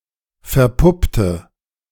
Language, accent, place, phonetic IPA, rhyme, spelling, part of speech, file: German, Germany, Berlin, [fɛɐ̯ˈpʊptə], -ʊptə, verpuppte, adjective / verb, De-verpuppte.ogg
- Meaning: inflection of verpuppen: 1. first/third-person singular preterite 2. first/third-person singular subjunctive II